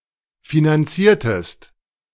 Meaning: inflection of finanzieren: 1. second-person singular preterite 2. second-person singular subjunctive II
- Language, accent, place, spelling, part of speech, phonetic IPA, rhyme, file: German, Germany, Berlin, finanziertest, verb, [finanˈt͡siːɐ̯təst], -iːɐ̯təst, De-finanziertest.ogg